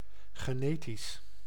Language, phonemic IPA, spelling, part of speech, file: Dutch, /ɣəˈnetis/, genetisch, adjective, Nl-genetisch.ogg
- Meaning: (adjective) genetic; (adverb) genetically